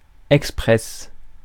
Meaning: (adjective) express, rapid; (noun) 1. express train or service 2. espresso
- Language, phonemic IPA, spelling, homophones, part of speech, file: French, /ɛk.spʁɛs/, express, expresse, adjective / noun, Fr-express.ogg